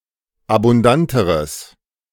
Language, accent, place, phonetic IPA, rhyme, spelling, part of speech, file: German, Germany, Berlin, [abʊnˈdantəʁəs], -antəʁəs, abundanteres, adjective, De-abundanteres.ogg
- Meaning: strong/mixed nominative/accusative neuter singular comparative degree of abundant